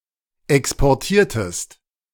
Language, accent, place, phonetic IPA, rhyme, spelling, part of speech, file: German, Germany, Berlin, [ˌɛkspɔʁˈtiːɐ̯təst], -iːɐ̯təst, exportiertest, verb, De-exportiertest.ogg
- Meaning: inflection of exportieren: 1. second-person singular preterite 2. second-person singular subjunctive II